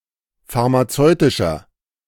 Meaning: inflection of pharmazeutisch: 1. strong/mixed nominative masculine singular 2. strong genitive/dative feminine singular 3. strong genitive plural
- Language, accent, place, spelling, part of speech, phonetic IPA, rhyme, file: German, Germany, Berlin, pharmazeutischer, adjective, [faʁmaˈt͡sɔɪ̯tɪʃɐ], -ɔɪ̯tɪʃɐ, De-pharmazeutischer.ogg